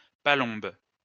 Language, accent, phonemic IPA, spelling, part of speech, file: French, France, /pa.lɔ̃b/, palombe, noun, LL-Q150 (fra)-palombe.wav
- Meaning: wood pigeon